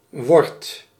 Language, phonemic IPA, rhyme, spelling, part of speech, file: Dutch, /ʋɔrt/, -ɔrt, word, verb, Nl-word.ogg
- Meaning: inflection of worden: 1. first-person singular present indicative 2. second-person singular present indicative 3. imperative